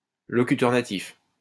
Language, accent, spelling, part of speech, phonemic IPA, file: French, France, locuteur natif, noun, /lɔ.ky.tœʁ na.tif/, LL-Q150 (fra)-locuteur natif.wav
- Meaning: native speaker (a person who grew up with a particular language as their mother tongue)